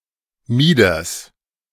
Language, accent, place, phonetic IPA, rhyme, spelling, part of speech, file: German, Germany, Berlin, [ˈmiːdɐs], -iːdɐs, Mieders, proper noun / noun, De-Mieders.ogg
- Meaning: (proper noun) a municipality of Tyrol, Austria; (noun) genitive singular of Mieder